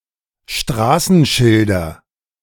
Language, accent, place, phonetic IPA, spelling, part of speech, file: German, Germany, Berlin, [ˈʃtʁaːsn̩ˌʃɪldɐ], Straßenschilder, noun, De-Straßenschilder.ogg
- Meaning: nominative/accusative/genitive plural of Straßenschild